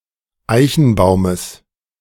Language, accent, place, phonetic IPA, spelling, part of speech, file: German, Germany, Berlin, [ˈaɪ̯çn̩ˌbaʊ̯məs], Eichenbaumes, noun, De-Eichenbaumes.ogg
- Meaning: genitive singular of Eichenbaum